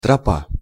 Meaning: path, trail (a trail for the use of, or worn by, pedestrians)
- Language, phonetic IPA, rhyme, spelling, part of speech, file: Russian, [trɐˈpa], -a, тропа, noun, Ru-тропа.ogg